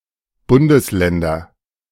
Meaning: nominative/accusative/genitive plural of Bundesland
- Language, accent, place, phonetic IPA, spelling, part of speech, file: German, Germany, Berlin, [ˈbʊndəsˌlɛndɐ], Bundesländer, noun, De-Bundesländer.ogg